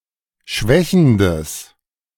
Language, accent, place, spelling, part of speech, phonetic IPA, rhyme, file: German, Germany, Berlin, schwächendes, adjective, [ˈʃvɛçn̩dəs], -ɛçn̩dəs, De-schwächendes.ogg
- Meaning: strong/mixed nominative/accusative neuter singular of schwächend